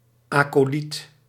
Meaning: 1. acolyte, lesser clergyman who only received the four lower ordinations 2. liturgical assistant of the officiating priest 3. disciple, follower
- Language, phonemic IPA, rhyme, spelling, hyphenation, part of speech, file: Dutch, /ˌaː.koːˈlit/, -it, acoliet, aco‧liet, noun, Nl-acoliet.ogg